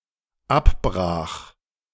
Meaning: first/third-person singular dependent preterite of abbrechen
- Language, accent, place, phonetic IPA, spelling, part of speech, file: German, Germany, Berlin, [ˈapˌbʁaːx], abbrach, verb, De-abbrach.ogg